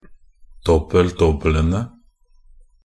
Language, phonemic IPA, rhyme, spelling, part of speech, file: Norwegian Bokmål, /ˈdɔbːəl.dɔbːələnə/, -ənə, dobbel-dobbelene, noun, Nb-dobbel-dobbelene.ogg
- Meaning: definite plural of dobbel-dobbel